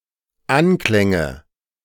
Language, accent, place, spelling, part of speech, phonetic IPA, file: German, Germany, Berlin, Anklänge, noun, [ˈanˌklɛŋə], De-Anklänge.ogg
- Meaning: nominative/accusative/genitive plural of Anklang